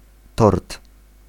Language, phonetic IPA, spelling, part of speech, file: Polish, [tɔrt], tort, noun, Pl-tort.ogg